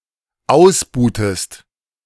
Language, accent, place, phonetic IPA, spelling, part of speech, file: German, Germany, Berlin, [ˈaʊ̯sˌbuːtəst], ausbuhtest, verb, De-ausbuhtest.ogg
- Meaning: inflection of ausbuhen: 1. second-person singular dependent preterite 2. second-person singular dependent subjunctive II